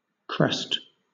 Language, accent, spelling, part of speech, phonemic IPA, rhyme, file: English, Southern England, crest, noun / verb, /kɹɛst/, -ɛst, LL-Q1860 (eng)-crest.wav
- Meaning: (noun) The summit of a hill or mountain ridge